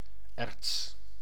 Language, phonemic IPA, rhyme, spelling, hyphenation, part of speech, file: Dutch, /ɛrts/, -ɛrts, erts, erts, noun, Nl-erts.ogg
- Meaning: ore (rock that contains enough metal or mineral material to be extracted and processed)